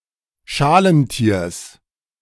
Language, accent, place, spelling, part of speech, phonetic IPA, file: German, Germany, Berlin, Schalentiers, noun, [ˈʃaːlənˌtiːɐ̯s], De-Schalentiers.ogg
- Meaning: genitive singular of Schalentier